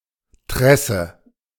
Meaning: lace, plait
- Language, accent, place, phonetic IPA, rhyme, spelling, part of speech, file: German, Germany, Berlin, [ˈtʁɛsə], -ɛsə, Tresse, noun, De-Tresse.ogg